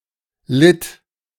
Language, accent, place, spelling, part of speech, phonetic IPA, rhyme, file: German, Germany, Berlin, litt, verb, [lɪt], -ɪt, De-litt.ogg
- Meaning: first/third-person singular preterite of leiden